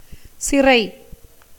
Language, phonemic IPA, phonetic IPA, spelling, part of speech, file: Tamil, /tʃɪrɐɪ̯/, [sɪrɐɪ̯], சிறை, noun, Ta-சிறை.ogg
- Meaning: 1. jail, prison, imprisonment 2. captivity, confinement, bondage